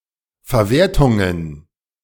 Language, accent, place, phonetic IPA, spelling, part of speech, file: German, Germany, Berlin, [fɛɐ̯ˈveːɐ̯tʊŋən], Verwertungen, noun, De-Verwertungen.ogg
- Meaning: plural of Verwertung